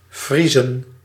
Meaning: to freeze
- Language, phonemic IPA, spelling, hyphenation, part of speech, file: Dutch, /ˈvrizə(n)/, vriezen, vrie‧zen, verb, Nl-vriezen.ogg